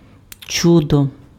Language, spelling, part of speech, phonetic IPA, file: Ukrainian, чудо, noun, [ˈt͡ʃudɔ], Uk-чудо.ogg
- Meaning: 1. miracle 2. wonder, marvel (wondrous or marvelous thing) 3. paragon 4. fabulous creature, mythological animal